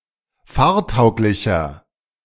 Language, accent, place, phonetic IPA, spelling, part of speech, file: German, Germany, Berlin, [ˈfaːɐ̯ˌtaʊ̯klɪçɐ], fahrtauglicher, adjective, De-fahrtauglicher.ogg
- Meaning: 1. comparative degree of fahrtauglich 2. inflection of fahrtauglich: strong/mixed nominative masculine singular 3. inflection of fahrtauglich: strong genitive/dative feminine singular